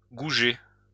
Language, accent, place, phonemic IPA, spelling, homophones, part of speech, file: French, France, Lyon, /ɡu.ʒe/, gouger, gougé / gougée / gougés / gougées / gougez / gougeai, verb, LL-Q150 (fra)-gouger.wav
- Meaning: 1. to work (a material) with a gouge 2. to do (a soldered joint) again to eliminate roughness by deepening it